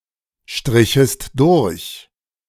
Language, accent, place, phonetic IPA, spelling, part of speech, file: German, Germany, Berlin, [ˌʃtʁɪçəst ˈdʊʁç], strichest durch, verb, De-strichest durch.ogg
- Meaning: second-person singular subjunctive II of durchstreichen